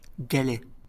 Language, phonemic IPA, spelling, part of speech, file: French, /ɡa.lɛ/, galet, noun, LL-Q150 (fra)-galet.wav
- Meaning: 1. pebble 2. disk-shaped object 3. roller